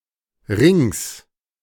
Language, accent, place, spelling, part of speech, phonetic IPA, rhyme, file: German, Germany, Berlin, Rings, noun, [ʁɪŋs], -ɪŋs, De-Rings.ogg
- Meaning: genitive singular of Ring